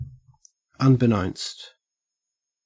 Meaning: Without the knowledge of
- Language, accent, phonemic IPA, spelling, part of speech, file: English, Australia, /ˌʌnbɪˈnoʊnst/, unbeknownst, adjective, En-au-unbeknownst.ogg